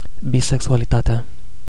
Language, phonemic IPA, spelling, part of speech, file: Romanian, /biseksualiˈtate̯a/, bisexualitatea, noun, Ro-bisexualitatea.ogg
- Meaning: definite nominative/accusative singular of bisexualitate